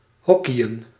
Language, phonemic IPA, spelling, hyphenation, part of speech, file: Dutch, /ˈɦɔ.ki.ə(n)/, hockeyen, hoc‧key‧en, verb, Nl-hockeyen.ogg
- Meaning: to play hockey, to play field hockey